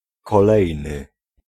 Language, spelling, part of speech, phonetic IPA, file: Polish, kolejny, adjective, [kɔˈlɛjnɨ], Pl-kolejny.ogg